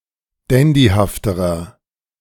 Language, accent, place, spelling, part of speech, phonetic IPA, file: German, Germany, Berlin, dandyhafterer, adjective, [ˈdɛndihaftəʁɐ], De-dandyhafterer.ogg
- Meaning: inflection of dandyhaft: 1. strong/mixed nominative masculine singular comparative degree 2. strong genitive/dative feminine singular comparative degree 3. strong genitive plural comparative degree